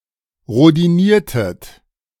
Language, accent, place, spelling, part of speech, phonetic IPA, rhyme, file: German, Germany, Berlin, rhodiniertet, verb, [ʁodiˈniːɐ̯tət], -iːɐ̯tət, De-rhodiniertet.ogg
- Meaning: inflection of rhodinieren: 1. second-person plural preterite 2. second-person plural subjunctive II